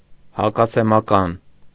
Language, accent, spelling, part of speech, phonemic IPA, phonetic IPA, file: Armenian, Eastern Armenian, հակասեմական, adjective / noun, /hɑkɑsemɑˈkɑn/, [hɑkɑsemɑkɑ́n], Hy-հակասեմական.ogg
- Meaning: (adjective) anti-Semitic; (noun) antisemite